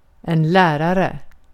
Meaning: a (male or female) teacher
- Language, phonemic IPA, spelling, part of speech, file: Swedish, /²lɛːrarɛ/, lärare, noun, Sv-lärare.ogg